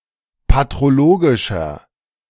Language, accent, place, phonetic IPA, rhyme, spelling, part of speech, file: German, Germany, Berlin, [patʁoˈloːɡɪʃɐ], -oːɡɪʃɐ, patrologischer, adjective, De-patrologischer.ogg
- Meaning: inflection of patrologisch: 1. strong/mixed nominative masculine singular 2. strong genitive/dative feminine singular 3. strong genitive plural